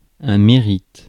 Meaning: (noun) merit (any positive quality); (verb) inflection of mériter: 1. first/third-person singular present indicative/subjunctive 2. second-person singular imperative
- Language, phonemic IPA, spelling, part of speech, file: French, /me.ʁit/, mérite, noun / verb, Fr-mérite.ogg